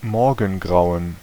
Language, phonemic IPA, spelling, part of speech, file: German, /ˈmɔʁɡŋˌɡraʊ̯ən/, Morgengrauen, noun, De-Morgengrauen.ogg
- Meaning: crack of dawn; daybreak; dawn